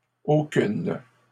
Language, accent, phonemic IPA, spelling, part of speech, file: French, Canada, /o.kyn/, aucunes, determiner, LL-Q150 (fra)-aucunes.wav
- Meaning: feminine plural of aucun